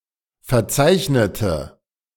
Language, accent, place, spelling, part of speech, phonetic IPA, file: German, Germany, Berlin, verzeichnete, adjective / verb, [fɛɐ̯ˈt͡saɪ̯çnətə], De-verzeichnete.ogg
- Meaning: inflection of verzeichnet: 1. strong/mixed nominative/accusative feminine singular 2. strong nominative/accusative plural 3. weak nominative all-gender singular